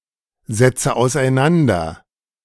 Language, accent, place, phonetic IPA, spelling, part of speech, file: German, Germany, Berlin, [zɛt͡sə aʊ̯sʔaɪ̯ˈnandɐ], setze auseinander, verb, De-setze auseinander.ogg
- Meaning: inflection of auseinandersetzen: 1. first-person singular present 2. first/third-person singular subjunctive I 3. singular imperative